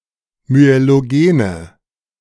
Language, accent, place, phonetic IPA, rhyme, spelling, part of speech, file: German, Germany, Berlin, [myeloˈɡeːnə], -eːnə, myelogene, adjective, De-myelogene.ogg
- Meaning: inflection of myelogen: 1. strong/mixed nominative/accusative feminine singular 2. strong nominative/accusative plural 3. weak nominative all-gender singular